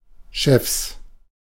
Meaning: plural of Chef
- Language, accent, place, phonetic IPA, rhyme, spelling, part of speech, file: German, Germany, Berlin, [ʃɛfs], -ɛfs, Chefs, noun, De-Chefs.ogg